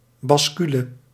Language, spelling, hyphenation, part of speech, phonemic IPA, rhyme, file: Dutch, bascule, bas‧cu‧le, noun, /ˌbɑsˈky.lə/, -ylə, Nl-bascule.ogg
- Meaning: 1. balance, balance scales 2. counterweight